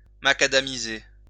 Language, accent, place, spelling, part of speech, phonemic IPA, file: French, France, Lyon, macadamiser, verb, /ma.ka.da.mi.ze/, LL-Q150 (fra)-macadamiser.wav
- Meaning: to macadamize